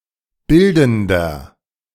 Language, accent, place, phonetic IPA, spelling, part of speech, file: German, Germany, Berlin, [ˈbɪldn̩dɐ], bildender, adjective, De-bildender.ogg
- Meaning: inflection of bildend: 1. strong/mixed nominative masculine singular 2. strong genitive/dative feminine singular 3. strong genitive plural